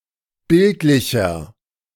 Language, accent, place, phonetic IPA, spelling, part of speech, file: German, Germany, Berlin, [ˈbɪltlɪçɐ], bildlicher, adjective, De-bildlicher.ogg
- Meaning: inflection of bildlich: 1. strong/mixed nominative masculine singular 2. strong genitive/dative feminine singular 3. strong genitive plural